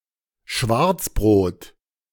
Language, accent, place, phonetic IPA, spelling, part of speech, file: German, Germany, Berlin, [ˈʃvaʁt͡sˌbʁoːt], Schwarzbrot, noun, De-Schwarzbrot.ogg
- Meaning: 1. a synonym of Graubrot 2. a synonym of Pumpernickel